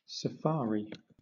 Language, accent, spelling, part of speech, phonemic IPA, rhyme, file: English, Southern England, safari, noun / verb, /səˈfɑːɹ.i/, -ɑːɹi, LL-Q1860 (eng)-safari.wav
- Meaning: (noun) 1. A trip into any undeveloped area to see, photograph or to hunt wild animals in their own environment 2. A caravan going on a safari